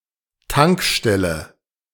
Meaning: gas station
- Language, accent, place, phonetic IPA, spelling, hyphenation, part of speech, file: German, Germany, Berlin, [ˈtaŋkˌʃtɛlə], Tankstelle, Tank‧stel‧le, noun, De-Tankstelle.ogg